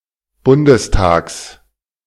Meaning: genitive singular of Bundestag
- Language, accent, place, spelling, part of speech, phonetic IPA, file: German, Germany, Berlin, Bundestags, noun, [ˈbʊndəsˌtaːks], De-Bundestags.ogg